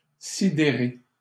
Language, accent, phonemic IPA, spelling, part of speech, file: French, Canada, /si.de.ʁe/, sidérer, verb, LL-Q150 (fra)-sidérer.wav
- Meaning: 1. to dumbfound, flummox 2. to consternate